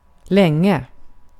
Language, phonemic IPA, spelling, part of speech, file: Swedish, /ˈlɛŋˌɛ/, länge, adverb, Sv-länge.ogg
- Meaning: a long time, during a long time, long